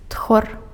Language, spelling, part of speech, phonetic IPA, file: Belarusian, тхор, noun, [txor], Be-тхор.ogg
- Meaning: 1. polecat 2. ferret